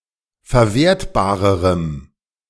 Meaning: strong dative masculine/neuter singular comparative degree of verwertbar
- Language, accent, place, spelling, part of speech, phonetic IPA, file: German, Germany, Berlin, verwertbarerem, adjective, [fɛɐ̯ˈveːɐ̯tbaːʁəʁəm], De-verwertbarerem.ogg